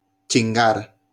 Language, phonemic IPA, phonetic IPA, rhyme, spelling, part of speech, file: Spanish, /t͡ʃinˈɡaɾ/, [t͡ʃĩŋˈɡaɾ], -aɾ, chingar, verb, LL-Q1321 (spa)-chingar.wav